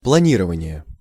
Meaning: 1. planning 2. glide, gliding
- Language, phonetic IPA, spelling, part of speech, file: Russian, [pɫɐˈnʲirəvənʲɪje], планирование, noun, Ru-планирование.ogg